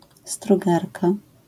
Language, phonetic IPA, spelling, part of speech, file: Polish, [struˈɡarka], strugarka, noun, LL-Q809 (pol)-strugarka.wav